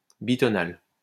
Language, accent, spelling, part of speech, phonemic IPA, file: French, France, bitonal, adjective, /bi.tɔ.nal/, LL-Q150 (fra)-bitonal.wav
- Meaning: bitonal